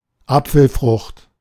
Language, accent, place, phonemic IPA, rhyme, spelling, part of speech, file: German, Germany, Berlin, /ˈapfl̩fʁʊχt/, -ʊχt, Apfelfrucht, noun, De-Apfelfrucht.ogg
- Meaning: pome (type of fruit)